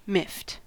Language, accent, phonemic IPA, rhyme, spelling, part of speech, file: English, US, /mɪft/, -ɪft, miffed, adjective / verb, En-us-miffed.ogg
- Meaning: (adjective) 1. Somewhat indignant, irritated, angry, in a snit, put out or annoyed 2. Confused; unable to understand; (verb) simple past and past participle of miff